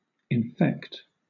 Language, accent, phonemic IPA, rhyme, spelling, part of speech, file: English, Southern England, /ɪnˈfɛkt/, -ɛkt, infect, verb / adjective, LL-Q1860 (eng)-infect.wav